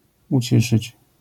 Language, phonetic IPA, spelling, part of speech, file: Polish, [uˈt͡ɕiʃɨt͡ɕ], uciszyć, verb, LL-Q809 (pol)-uciszyć.wav